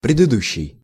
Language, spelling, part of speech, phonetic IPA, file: Russian, предыдущий, adjective, [prʲɪdɨˈduɕːɪj], Ru-предыдущий.ogg
- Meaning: 1. previous 2. antecedent, early (earlier in time or order)